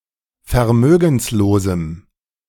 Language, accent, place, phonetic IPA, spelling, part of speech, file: German, Germany, Berlin, [fɛɐ̯ˈmøːɡn̩sloːzm̩], vermögenslosem, adjective, De-vermögenslosem.ogg
- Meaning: strong dative masculine/neuter singular of vermögenslos